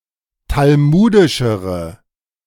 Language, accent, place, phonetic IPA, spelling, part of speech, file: German, Germany, Berlin, [talˈmuːdɪʃəʁə], talmudischere, adjective, De-talmudischere.ogg
- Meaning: inflection of talmudisch: 1. strong/mixed nominative/accusative feminine singular comparative degree 2. strong nominative/accusative plural comparative degree